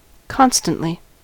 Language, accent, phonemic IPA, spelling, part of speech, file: English, US, /ˈkɑnstənʔli/, constantly, adverb, En-us-constantly.ogg
- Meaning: 1. With steadfastness; with resolve; in loyalty, faithfully 2. In a constant manner; occurring continuously; persistently 3. Recurring regularly